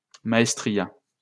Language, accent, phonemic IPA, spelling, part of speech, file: French, France, /ma.ɛs.tʁi.ja/, maestria, noun, LL-Q150 (fra)-maestria.wav
- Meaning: mastery (in an artistic or technical field)